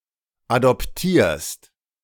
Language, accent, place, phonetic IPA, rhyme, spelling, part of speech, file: German, Germany, Berlin, [adɔpˈtiːɐ̯st], -iːɐ̯st, adoptierst, verb, De-adoptierst.ogg
- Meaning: second-person singular present of adoptieren